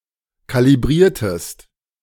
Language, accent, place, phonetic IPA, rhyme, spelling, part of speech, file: German, Germany, Berlin, [ˌkaliˈbʁiːɐ̯təst], -iːɐ̯təst, kalibriertest, verb, De-kalibriertest.ogg
- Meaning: inflection of kalibrieren: 1. second-person singular preterite 2. second-person singular subjunctive II